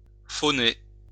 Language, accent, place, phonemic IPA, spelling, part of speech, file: French, France, Lyon, /fɔ.ne/, phoner, verb, LL-Q150 (fra)-phoner.wav
- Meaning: to ring, call, phone